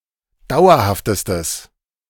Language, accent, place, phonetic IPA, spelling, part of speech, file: German, Germany, Berlin, [ˈdaʊ̯ɐhaftəstəs], dauerhaftestes, adjective, De-dauerhaftestes.ogg
- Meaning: strong/mixed nominative/accusative neuter singular superlative degree of dauerhaft